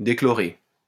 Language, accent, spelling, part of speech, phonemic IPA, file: French, France, déchlorer, verb, /de.klɔ.ʁe/, LL-Q150 (fra)-déchlorer.wav
- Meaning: to dechlorinate